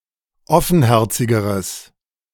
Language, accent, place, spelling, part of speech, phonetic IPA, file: German, Germany, Berlin, offenherzigeres, adjective, [ˈɔfn̩ˌhɛʁt͡sɪɡəʁəs], De-offenherzigeres.ogg
- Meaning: strong/mixed nominative/accusative neuter singular comparative degree of offenherzig